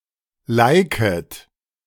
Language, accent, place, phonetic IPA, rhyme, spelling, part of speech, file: German, Germany, Berlin, [ˈlaɪ̯kət], -aɪ̯kət, liket, verb, De-liket.ogg
- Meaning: second-person plural subjunctive I of liken